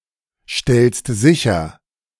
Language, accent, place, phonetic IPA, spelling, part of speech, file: German, Germany, Berlin, [ˌʃtɛlst ˈzɪçɐ], stellst sicher, verb, De-stellst sicher.ogg
- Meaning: second-person singular present of sicherstellen